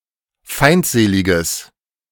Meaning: strong/mixed nominative/accusative neuter singular of feindselig
- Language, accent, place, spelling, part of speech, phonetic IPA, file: German, Germany, Berlin, feindseliges, adjective, [ˈfaɪ̯ntˌzeːlɪɡəs], De-feindseliges.ogg